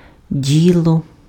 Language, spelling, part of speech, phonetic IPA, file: Ukrainian, діло, noun, [ˈdʲiɫɔ], Uk-діло.ogg
- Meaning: business, affair